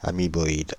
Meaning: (adjective) ameboid
- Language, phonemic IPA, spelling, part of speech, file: French, /a.mi.bɔ.id/, amiboïde, adjective / noun, Fr-amiboïde.ogg